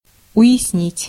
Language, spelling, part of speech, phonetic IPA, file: Russian, уяснить, verb, [ʊ(j)ɪsˈnʲitʲ], Ru-уяснить.ogg
- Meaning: to understand, to grasp